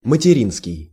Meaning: mother's, motherly, maternal
- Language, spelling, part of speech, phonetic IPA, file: Russian, материнский, adjective, [mətʲɪˈrʲinskʲɪj], Ru-материнский.ogg